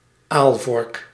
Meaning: eelspear, spear for fishing eel
- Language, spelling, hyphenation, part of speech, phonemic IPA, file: Dutch, aalvork, aal‧vork, noun, /ˈaːl.vɔrk/, Nl-aalvork.ogg